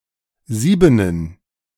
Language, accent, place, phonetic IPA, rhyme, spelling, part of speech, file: German, Germany, Berlin, [ˈziːbənən], -iːbənən, Siebenen, noun, De-Siebenen.ogg
- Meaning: plural of Sieben